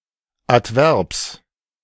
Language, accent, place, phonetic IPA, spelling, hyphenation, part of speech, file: German, Germany, Berlin, [atˈvɛʁps], Adverbs, Ad‧verbs, noun, De-Adverbs.ogg
- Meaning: genitive singular of Adverb